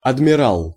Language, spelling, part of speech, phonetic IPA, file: Russian, адмирал, noun, [ɐdmʲɪˈraɫ], Ru-адмирал.ogg
- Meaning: 1. admiral 2. red admiral (Vanessa atalanta, butterfly)